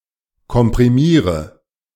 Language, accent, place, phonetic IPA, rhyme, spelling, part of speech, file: German, Germany, Berlin, [kɔmpʁiˈmiːʁə], -iːʁə, komprimiere, verb, De-komprimiere.ogg
- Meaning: inflection of komprimieren: 1. first-person singular present 2. singular imperative 3. first/third-person singular subjunctive I